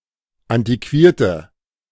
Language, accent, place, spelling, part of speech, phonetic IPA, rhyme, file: German, Germany, Berlin, antiquierte, adjective, [ˌantiˈkviːɐ̯tə], -iːɐ̯tə, De-antiquierte.ogg
- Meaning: inflection of antiquiert: 1. strong/mixed nominative/accusative feminine singular 2. strong nominative/accusative plural 3. weak nominative all-gender singular